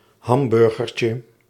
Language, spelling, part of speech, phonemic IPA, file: Dutch, hamburgertje, noun, /ˈhɑmbʏrɣərcə/, Nl-hamburgertje.ogg
- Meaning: diminutive of hamburger